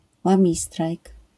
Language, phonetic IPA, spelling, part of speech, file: Polish, [wãˈmʲistrajk], łamistrajk, noun, LL-Q809 (pol)-łamistrajk.wav